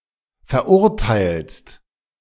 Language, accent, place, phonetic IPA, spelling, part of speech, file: German, Germany, Berlin, [fɛɐ̯ˈʔʊʁtaɪ̯lst], verurteilst, verb, De-verurteilst.ogg
- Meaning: second-person singular present of verurteilen